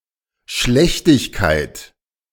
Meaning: badness, depravity
- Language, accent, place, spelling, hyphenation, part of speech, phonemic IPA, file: German, Germany, Berlin, Schlechtigkeit, Schlech‧tig‧keit, noun, /ˈʃlɛçtɪçkaɪ̯t/, De-Schlechtigkeit.ogg